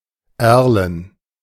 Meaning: alder
- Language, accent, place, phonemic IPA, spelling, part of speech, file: German, Germany, Berlin, /ˈɛʁlən/, erlen, adjective, De-erlen.ogg